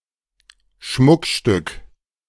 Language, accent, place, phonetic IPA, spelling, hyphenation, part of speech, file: German, Germany, Berlin, [ˈʃmʊkʃtʏk], Schmuckstück, Schmuck‧stück, noun, De-Schmuckstück.ogg
- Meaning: jewellery